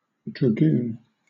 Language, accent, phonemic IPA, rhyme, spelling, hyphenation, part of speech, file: English, Southern England, /dɹəˈɡuːn/, -uːn, dragoon, dra‧goon, noun / verb, LL-Q1860 (eng)-dragoon.wav
- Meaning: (noun) Synonym of dragon (“a type of musket with a short, large-calibre barrel and a flared muzzle, metaphorically exhaling fire like a mythical dragon”)